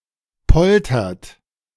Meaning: inflection of poltern: 1. second-person plural present 2. third-person singular present 3. plural imperative
- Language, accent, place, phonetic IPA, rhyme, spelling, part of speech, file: German, Germany, Berlin, [ˈpɔltɐt], -ɔltɐt, poltert, verb, De-poltert.ogg